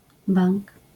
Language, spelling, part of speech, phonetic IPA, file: Polish, bank, noun, [bãŋk], LL-Q809 (pol)-bank.wav